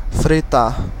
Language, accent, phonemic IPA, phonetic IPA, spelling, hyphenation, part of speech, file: Portuguese, Brazil, /fɾiˈta(ʁ)/, [fɾiˈta(h)], fritar, fri‧tar, verb, Pt-br-fritar.ogg
- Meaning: to fry